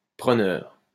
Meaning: 1. taker; one who takes 2. a lessee, a renter
- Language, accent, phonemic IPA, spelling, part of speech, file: French, France, /pʁə.nœʁ/, preneur, noun, LL-Q150 (fra)-preneur.wav